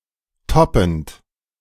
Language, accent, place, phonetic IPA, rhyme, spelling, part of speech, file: German, Germany, Berlin, [ˈtɔpn̩t], -ɔpn̩t, toppend, verb, De-toppend.ogg
- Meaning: present participle of toppen